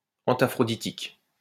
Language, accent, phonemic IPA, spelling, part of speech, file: French, France, /ɑ̃.ta.fʁɔ.di.tik/, antaphroditique, adjective, LL-Q150 (fra)-antaphroditique.wav
- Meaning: antaphroditic